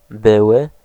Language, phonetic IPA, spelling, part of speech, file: Polish, [ˈbɨwɨ], były, adjective / noun / verb, Pl-były.ogg